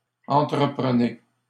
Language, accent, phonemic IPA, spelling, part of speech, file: French, Canada, /ɑ̃.tʁə.pʁə.ne/, entreprenez, verb, LL-Q150 (fra)-entreprenez.wav
- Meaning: inflection of entreprendre: 1. second-person plural present indicative 2. second-person plural imperative